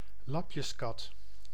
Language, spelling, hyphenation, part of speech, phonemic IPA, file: Dutch, lapjeskat, lap‧jes‧kat, noun, /ˈlɑp.jəsˌkɑt/, Nl-lapjeskat.ogg
- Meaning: a calico cat; a (usually female) cat with a multi-coloured fur (often white, black and orange-brown) with various blots and spots, giving its fur the appearance of a patchwork